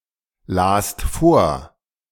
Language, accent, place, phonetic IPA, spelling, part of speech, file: German, Germany, Berlin, [ˌlaːst ˈfoːɐ̯], last vor, verb, De-last vor.ogg
- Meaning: second-person singular/plural preterite of vorlesen